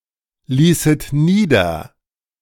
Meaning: second-person plural subjunctive II of niederlassen
- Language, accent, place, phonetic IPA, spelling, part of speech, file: German, Germany, Berlin, [ˌliːsət ˈniːdɐ], ließet nieder, verb, De-ließet nieder.ogg